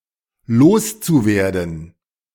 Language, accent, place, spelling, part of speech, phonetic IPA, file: German, Germany, Berlin, loszuwerden, verb, [ˈloːst͡suˌveːɐ̯dn̩], De-loszuwerden.ogg
- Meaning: zu-infinitive of loswerden